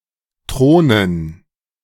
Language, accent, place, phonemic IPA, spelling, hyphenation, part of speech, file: German, Germany, Berlin, /ˈtʁoːnən/, Thronen, Thro‧nen, noun, De-Thronen.ogg
- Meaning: 1. gerund of thronen 2. dative plural of Thron